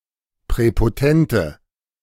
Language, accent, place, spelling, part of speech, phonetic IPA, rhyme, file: German, Germany, Berlin, präpotente, adjective, [pʁɛpoˈtɛntə], -ɛntə, De-präpotente.ogg
- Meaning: inflection of präpotent: 1. strong/mixed nominative/accusative feminine singular 2. strong nominative/accusative plural 3. weak nominative all-gender singular